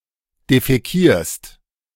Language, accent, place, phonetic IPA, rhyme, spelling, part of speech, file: German, Germany, Berlin, [defɛˈkiːɐ̯st], -iːɐ̯st, defäkierst, verb, De-defäkierst.ogg
- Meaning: second-person singular present of defäkieren